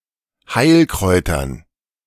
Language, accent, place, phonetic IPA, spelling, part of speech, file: German, Germany, Berlin, [ˈhaɪ̯lˌkʁɔɪ̯tɐn], Heilkräutern, noun, De-Heilkräutern.ogg
- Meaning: dative plural of Heilkraut